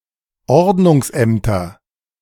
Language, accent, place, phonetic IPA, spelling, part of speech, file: German, Germany, Berlin, [ˈɔʁdnʊŋsˌʔɛmtɐ], Ordnungsämter, noun, De-Ordnungsämter.ogg
- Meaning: nominative/accusative/genitive plural of Ordnungsamt